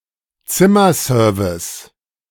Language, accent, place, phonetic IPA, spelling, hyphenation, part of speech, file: German, Germany, Berlin, [ˈt͡sɪmɐˌzøːɐ̰vɪs], Zimmerservice, Zim‧mer‧ser‧vice, noun, De-Zimmerservice.ogg
- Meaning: room service